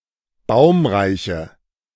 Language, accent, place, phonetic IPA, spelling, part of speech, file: German, Germany, Berlin, [ˈbaʊ̯mʁaɪ̯çə], baumreiche, adjective, De-baumreiche.ogg
- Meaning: inflection of baumreich: 1. strong/mixed nominative/accusative feminine singular 2. strong nominative/accusative plural 3. weak nominative all-gender singular